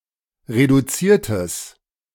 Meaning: strong/mixed nominative/accusative neuter singular of reduziert
- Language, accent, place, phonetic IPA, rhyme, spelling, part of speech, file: German, Germany, Berlin, [ʁeduˈt͡siːɐ̯təs], -iːɐ̯təs, reduziertes, adjective, De-reduziertes.ogg